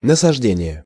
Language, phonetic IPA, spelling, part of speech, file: Russian, [nəsɐʐˈdʲenʲɪje], насаждение, noun, Ru-насаждение.ogg
- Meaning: 1. plantation 2. stand (in biology, forestry) 3. planting 4. propagation, spreading